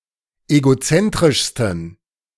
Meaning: 1. superlative degree of egozentrisch 2. inflection of egozentrisch: strong genitive masculine/neuter singular superlative degree
- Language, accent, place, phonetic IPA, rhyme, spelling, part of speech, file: German, Germany, Berlin, [eɡoˈt͡sɛntʁɪʃstn̩], -ɛntʁɪʃstn̩, egozentrischsten, adjective, De-egozentrischsten.ogg